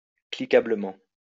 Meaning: clickably
- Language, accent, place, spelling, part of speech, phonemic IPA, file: French, France, Lyon, cliquablement, adverb, /kli.ka.blə.mɑ̃/, LL-Q150 (fra)-cliquablement.wav